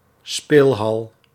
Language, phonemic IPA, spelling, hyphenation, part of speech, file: Dutch, /ˈspeːlɦɑl/, speelhal, speel‧hal, noun, Nl-speelhal.ogg
- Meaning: arcade, amusement arcade